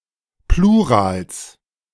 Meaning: genitive singular of Plural
- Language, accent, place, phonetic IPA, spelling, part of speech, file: German, Germany, Berlin, [ˈpluːʁaːls], Plurals, noun, De-Plurals.ogg